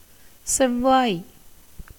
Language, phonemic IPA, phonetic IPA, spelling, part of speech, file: Tamil, /tʃɛʋːɑːj/, [se̞ʋːäːj], செவ்வாய், proper noun / noun, Ta-செவ்வாய்.ogg
- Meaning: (proper noun) the planet Mars; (noun) 1. Tuesday 2. red lips